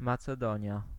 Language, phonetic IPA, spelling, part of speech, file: Polish, [ˌmat͡sɛˈdɔ̃ɲja], Macedonia, proper noun, Pl-Macedonia.ogg